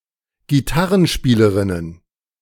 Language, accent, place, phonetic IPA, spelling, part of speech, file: German, Germany, Berlin, [ɡiˈtaʁənˌʃpiːləʁɪnən], Gitarrenspielerinnen, noun, De-Gitarrenspielerinnen.ogg
- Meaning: plural of Gitarrenspielerin